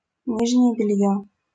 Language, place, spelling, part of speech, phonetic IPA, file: Russian, Saint Petersburg, нижнее бельё, noun, [ˈnʲiʐnʲɪje bʲɪˈlʲjɵ], LL-Q7737 (rus)-нижнее бельё.wav
- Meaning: underwear